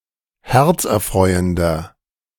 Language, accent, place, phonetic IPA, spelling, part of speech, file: German, Germany, Berlin, [ˈhɛʁt͡sʔɛɐ̯ˌfʁɔɪ̯əndɐ], herzerfreuender, adjective, De-herzerfreuender.ogg
- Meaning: 1. comparative degree of herzerfreuend 2. inflection of herzerfreuend: strong/mixed nominative masculine singular 3. inflection of herzerfreuend: strong genitive/dative feminine singular